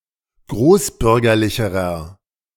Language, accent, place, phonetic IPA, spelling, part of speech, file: German, Germany, Berlin, [ˈɡʁoːsˌbʏʁɡɐlɪçəʁɐ], großbürgerlicherer, adjective, De-großbürgerlicherer.ogg
- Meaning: inflection of großbürgerlich: 1. strong/mixed nominative masculine singular comparative degree 2. strong genitive/dative feminine singular comparative degree